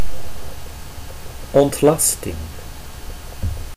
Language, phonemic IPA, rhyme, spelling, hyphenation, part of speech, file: Dutch, /ɔntˈmɑs.tɪŋ/, -ɑstɪŋ, ontlasting, ont‧las‧ting, noun, Nl-ontlasting.ogg
- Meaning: bowel movement